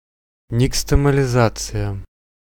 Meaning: nixtamalization
- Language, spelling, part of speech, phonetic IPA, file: Russian, никстамализация, noun, [nʲɪkstəməlʲɪˈzat͡sɨjə], Ru-никстамализация.ogg